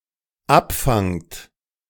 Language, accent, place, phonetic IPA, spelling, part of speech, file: German, Germany, Berlin, [ˈapˌfaŋt], abfangt, verb, De-abfangt.ogg
- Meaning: second-person plural dependent present of abfangen